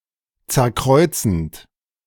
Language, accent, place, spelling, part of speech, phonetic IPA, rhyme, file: German, Germany, Berlin, zerkreuzend, verb, [ˌt͡sɛɐ̯ˈkʁɔɪ̯t͡sn̩t], -ɔɪ̯t͡sn̩t, De-zerkreuzend.ogg
- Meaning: present participle of zerkreuzen